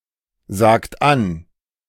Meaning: inflection of ansagen: 1. second-person plural present 2. third-person singular present 3. plural imperative
- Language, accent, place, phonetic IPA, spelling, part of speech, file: German, Germany, Berlin, [ˌzaːkt ˈan], sagt an, verb, De-sagt an.ogg